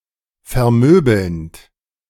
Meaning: present participle of vermöbeln
- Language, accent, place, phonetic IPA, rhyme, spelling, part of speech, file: German, Germany, Berlin, [fɛɐ̯ˈmøːbl̩nt], -øːbl̩nt, vermöbelnd, verb, De-vermöbelnd.ogg